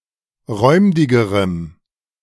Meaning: strong dative masculine/neuter singular comparative degree of räumdig
- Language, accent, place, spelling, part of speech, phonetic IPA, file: German, Germany, Berlin, räumdigerem, adjective, [ˈʁɔɪ̯mdɪɡəʁəm], De-räumdigerem.ogg